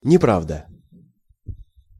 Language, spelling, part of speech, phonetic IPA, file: Russian, неправда, noun, [nʲɪˈpravdə], Ru-неправда.ogg
- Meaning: 1. untruth, lie 2. not true